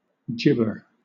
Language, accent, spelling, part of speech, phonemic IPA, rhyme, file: English, Southern England, gibber, noun / verb, /ˈd͡ʒɪbə(ɹ)/, -ɪbə(ɹ), LL-Q1860 (eng)-gibber.wav
- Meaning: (noun) Gibberish, unintelligible speech; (verb) To jabber, talk rapidly and unintelligibly or incoherently